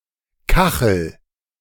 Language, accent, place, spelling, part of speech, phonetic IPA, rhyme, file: German, Germany, Berlin, kachel, verb, [ˈkaxl̩], -axl̩, De-kachel.ogg
- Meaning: inflection of kacheln: 1. first-person singular present 2. singular imperative